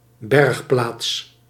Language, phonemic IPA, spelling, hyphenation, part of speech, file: Dutch, /ˈbɛrx.plaːts/, bergplaats, berg‧plaats, noun, Nl-bergplaats.ogg
- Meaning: storage location